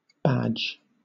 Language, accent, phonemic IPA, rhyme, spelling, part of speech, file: English, Southern England, /bæd͡ʒ/, -ædʒ, badge, noun / verb, LL-Q1860 (eng)-badge.wav
- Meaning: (noun) A distinctive mark, token, sign, emblem or cognizance, worn on one’s clothing, as an insignia of some rank, or of the membership of an organization